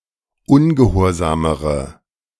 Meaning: inflection of ungehorsam: 1. strong/mixed nominative/accusative feminine singular comparative degree 2. strong nominative/accusative plural comparative degree
- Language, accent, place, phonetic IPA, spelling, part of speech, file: German, Germany, Berlin, [ˈʊnɡəˌhoːɐ̯zaːməʁə], ungehorsamere, adjective, De-ungehorsamere.ogg